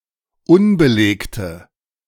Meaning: inflection of unbelegt: 1. strong/mixed nominative/accusative feminine singular 2. strong nominative/accusative plural 3. weak nominative all-gender singular
- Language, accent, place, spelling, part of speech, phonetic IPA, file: German, Germany, Berlin, unbelegte, adjective, [ˈʊnbəˌleːktə], De-unbelegte.ogg